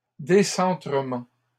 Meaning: plural of décentrement
- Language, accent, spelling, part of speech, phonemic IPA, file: French, Canada, décentrements, noun, /de.sɑ̃.tʁə.mɑ̃/, LL-Q150 (fra)-décentrements.wav